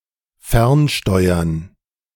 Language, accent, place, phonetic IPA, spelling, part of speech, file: German, Germany, Berlin, [ˈfɛʁnˌʃtɔɪ̯ɐn], fernsteuern, verb, De-fernsteuern.ogg
- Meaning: to telecontrol, to control remotely